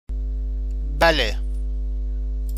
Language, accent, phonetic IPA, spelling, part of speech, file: Persian, Iran, [bǽ.le], بله, adverb, Fa-بله.ogg
- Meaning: Iranian standard form of بلی (balē /bali, “yes”)